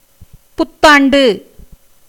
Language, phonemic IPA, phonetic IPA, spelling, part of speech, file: Tamil, /pʊt̪ːɑːɳɖɯ/, [pʊt̪ːäːɳɖɯ], புத்தாண்டு, noun, Ta-புத்தாண்டு.ogg
- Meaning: New Year